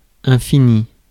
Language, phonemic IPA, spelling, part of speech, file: French, /ɛ̃.fi.ni/, infini, adjective / noun, Fr-infini.ogg
- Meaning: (adjective) endless, ceaseless, unending; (noun) 1. infinity (the symbol ∞) 2. infinity